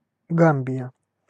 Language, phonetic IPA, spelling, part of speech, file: Russian, [ˈɡam⁽ʲ⁾bʲɪjə], Гамбия, proper noun, Ru-Гамбия.ogg
- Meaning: Gambia (a country in West Africa)